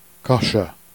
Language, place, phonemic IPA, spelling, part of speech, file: Jèrriais, Jersey, /ka.ʃœ/, cacheux, noun, Jer-cacheux.ogg
- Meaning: driver